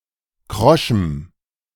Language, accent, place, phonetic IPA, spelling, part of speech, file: German, Germany, Berlin, [ˈkʁɔʃm̩], kroschem, adjective, De-kroschem.ogg
- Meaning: strong dative masculine/neuter singular of krosch